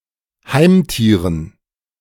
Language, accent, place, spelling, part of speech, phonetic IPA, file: German, Germany, Berlin, Heimtieren, noun, [ˈhaɪ̯mˌtiːʁən], De-Heimtieren.ogg
- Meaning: dative plural of Heimtier